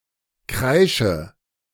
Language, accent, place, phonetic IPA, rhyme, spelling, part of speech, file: German, Germany, Berlin, [ˈkʁaɪ̯ʃə], -aɪ̯ʃə, kreische, verb, De-kreische.ogg
- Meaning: inflection of kreischen: 1. first-person singular present 2. first/third-person singular subjunctive I 3. singular imperative